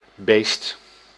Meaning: 1. an animal, a beast 2. an animal kept as livestock, a head 3. a cruel, wild, uncivilised, uninhibited or brutal person 4. jerk, asshole
- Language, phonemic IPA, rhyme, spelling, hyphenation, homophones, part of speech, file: Dutch, /beːst/, -eːst, beest, beest, Beesd, noun, Nl-beest.ogg